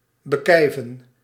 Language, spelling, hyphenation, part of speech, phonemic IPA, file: Dutch, bekijven, be‧kij‧ven, verb, /bəˈkɛi̯.və(n)/, Nl-bekijven.ogg
- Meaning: to insult, to throw insults at